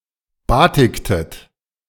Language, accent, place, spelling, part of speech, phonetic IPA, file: German, Germany, Berlin, batiktet, verb, [ˈbaːtɪktət], De-batiktet.ogg
- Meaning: inflection of batiken: 1. second-person plural preterite 2. second-person plural subjunctive II